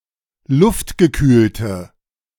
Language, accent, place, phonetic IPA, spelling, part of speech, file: German, Germany, Berlin, [ˈlʊftɡəˌkyːltə], luftgekühlte, adjective, De-luftgekühlte.ogg
- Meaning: inflection of luftgekühlt: 1. strong/mixed nominative/accusative feminine singular 2. strong nominative/accusative plural 3. weak nominative all-gender singular